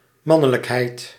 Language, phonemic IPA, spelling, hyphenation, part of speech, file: Dutch, /ˈmɑ.nə.ləkˌɦɛi̯t/, mannelijkheid, man‧ne‧lijk‧heid, noun, Nl-mannelijkheid.ogg
- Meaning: 1. manliness, masculinity 2. maleness 3. penis, manhood 4. facial hair